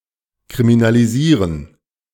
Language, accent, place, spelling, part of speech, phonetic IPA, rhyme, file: German, Germany, Berlin, kriminalisieren, verb, [kʁiminaliˈziːʁən], -iːʁən, De-kriminalisieren.ogg
- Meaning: to criminalize